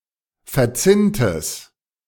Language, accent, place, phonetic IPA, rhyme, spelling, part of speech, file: German, Germany, Berlin, [fɛɐ̯ˈt͡sɪntəs], -ɪntəs, verzinntes, adjective, De-verzinntes.ogg
- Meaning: strong/mixed nominative/accusative neuter singular of verzinnt